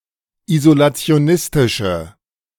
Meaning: inflection of isolationistisch: 1. strong/mixed nominative/accusative feminine singular 2. strong nominative/accusative plural 3. weak nominative all-gender singular
- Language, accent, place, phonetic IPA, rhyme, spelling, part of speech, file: German, Germany, Berlin, [izolat͡si̯oˈnɪstɪʃə], -ɪstɪʃə, isolationistische, adjective, De-isolationistische.ogg